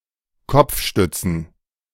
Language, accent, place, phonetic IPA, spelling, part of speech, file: German, Germany, Berlin, [ˈkɔp͡fˌʃtʏt͡sn̩], Kopfstützen, noun, De-Kopfstützen.ogg
- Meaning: plural of Kopfstütze